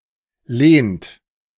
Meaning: inflection of lehnen: 1. third-person singular present 2. second-person plural present 3. plural imperative
- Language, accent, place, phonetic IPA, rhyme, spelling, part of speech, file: German, Germany, Berlin, [leːnt], -eːnt, lehnt, verb, De-lehnt.ogg